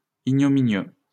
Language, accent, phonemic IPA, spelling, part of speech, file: French, France, /i.ɲɔ.mi.njø/, ignominieux, adjective, LL-Q150 (fra)-ignominieux.wav
- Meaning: ignominious